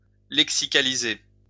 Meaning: lexicalize (to convert to a single lexical unit)
- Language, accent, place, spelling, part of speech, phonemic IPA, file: French, France, Lyon, lexicaliser, verb, /lɛk.si.ka.li.ze/, LL-Q150 (fra)-lexicaliser.wav